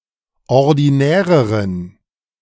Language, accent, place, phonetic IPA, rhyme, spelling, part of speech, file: German, Germany, Berlin, [ɔʁdiˈnɛːʁəʁən], -ɛːʁəʁən, ordinäreren, adjective, De-ordinäreren.ogg
- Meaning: inflection of ordinär: 1. strong genitive masculine/neuter singular comparative degree 2. weak/mixed genitive/dative all-gender singular comparative degree